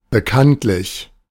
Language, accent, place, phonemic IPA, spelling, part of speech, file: German, Germany, Berlin, /bəˈkantlɪç/, bekanntlich, adverb, De-bekanntlich.ogg
- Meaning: publicly / openly (known)